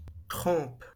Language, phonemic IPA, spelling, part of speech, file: French, /kʁɑ̃p/, crampe, noun, LL-Q150 (fra)-crampe.wav
- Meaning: 1. cramp (muscular contraction) 2. iron clamp